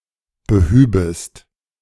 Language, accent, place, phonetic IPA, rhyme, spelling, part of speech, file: German, Germany, Berlin, [bəˈhyːbəst], -yːbəst, behübest, verb, De-behübest.ogg
- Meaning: second-person singular subjunctive II of beheben